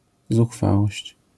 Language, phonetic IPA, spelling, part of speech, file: Polish, [zuxˈfawɔɕt͡ɕ], zuchwałość, noun, LL-Q809 (pol)-zuchwałość.wav